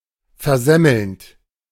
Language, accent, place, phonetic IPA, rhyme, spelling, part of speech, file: German, Germany, Berlin, [fɛɐ̯ˈzɛml̩nt], -ɛml̩nt, versemmelnd, verb, De-versemmelnd.ogg
- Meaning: present participle of versemmeln